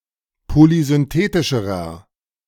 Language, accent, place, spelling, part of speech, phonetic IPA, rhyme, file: German, Germany, Berlin, polysynthetischerer, adjective, [polizʏnˈteːtɪʃəʁɐ], -eːtɪʃəʁɐ, De-polysynthetischerer.ogg
- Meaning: inflection of polysynthetisch: 1. strong/mixed nominative masculine singular comparative degree 2. strong genitive/dative feminine singular comparative degree